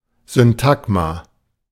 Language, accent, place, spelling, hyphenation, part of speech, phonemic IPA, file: German, Germany, Berlin, Syntagma, Syn‧tag‧ma, noun, /zʏnˈtaɡma/, De-Syntagma.ogg
- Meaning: syntagma (constituent segment within a text)